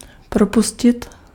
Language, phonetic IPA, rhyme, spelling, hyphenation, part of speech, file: Czech, [ˈpropuscɪt], -uscɪt, propustit, pro‧pu‧s‧tit, verb, Cs-propustit.ogg
- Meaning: 1. to let through (water etc) 2. to lay off, dismiss, sack 3. to discharge, release